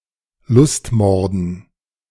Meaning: dative plural of Lustmord
- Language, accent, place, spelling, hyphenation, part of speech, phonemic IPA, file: German, Germany, Berlin, Lustmorden, Lust‧mor‧den, noun, /ˈlʊstˌmɔrdn̩/, De-Lustmorden.ogg